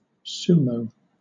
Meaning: A stylised Japanese form of wrestling in which a wrestler loses if he is forced from the ring, or if any part of his body except the soles of his feet touches the ground
- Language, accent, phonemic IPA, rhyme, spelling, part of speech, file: English, Southern England, /ˈsuːməʊ/, -uːməʊ, sumo, noun, LL-Q1860 (eng)-sumo.wav